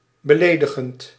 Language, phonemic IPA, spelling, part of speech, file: Dutch, /bəˈledəɣənt/, beledigend, verb / adjective, Nl-beledigend.ogg
- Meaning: present participle of beledigen